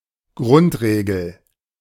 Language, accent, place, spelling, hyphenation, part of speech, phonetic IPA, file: German, Germany, Berlin, Grundregel, Grund‧re‧gel, noun, [ˈɡʁʊntˌʀeːɡl̩], De-Grundregel.ogg
- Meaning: ground rule, basic rule